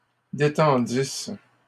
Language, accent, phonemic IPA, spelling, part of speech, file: French, Canada, /de.tɑ̃.dis/, détendisses, verb, LL-Q150 (fra)-détendisses.wav
- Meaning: second-person singular imperfect subjunctive of détendre